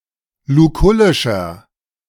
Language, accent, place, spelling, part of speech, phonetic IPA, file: German, Germany, Berlin, lukullischer, adjective, [luˈkʊlɪʃɐ], De-lukullischer.ogg
- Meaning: 1. comparative degree of lukullisch 2. inflection of lukullisch: strong/mixed nominative masculine singular 3. inflection of lukullisch: strong genitive/dative feminine singular